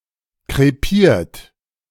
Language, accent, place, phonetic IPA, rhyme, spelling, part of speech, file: German, Germany, Berlin, [kʁeˈpiːɐ̯t], -iːɐ̯t, krepiert, verb, De-krepiert.ogg
- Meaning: 1. past participle of krepieren 2. inflection of krepieren: third-person singular present 3. inflection of krepieren: second-person plural present 4. inflection of krepieren: plural imperative